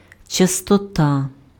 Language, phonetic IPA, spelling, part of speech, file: Ukrainian, [t͡ʃɐstɔˈta], частота, noun, Uk-частота.ogg
- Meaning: frequency